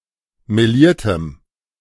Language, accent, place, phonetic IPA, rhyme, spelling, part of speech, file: German, Germany, Berlin, [meˈliːɐ̯təm], -iːɐ̯təm, meliertem, adjective, De-meliertem.ogg
- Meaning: strong dative masculine/neuter singular of meliert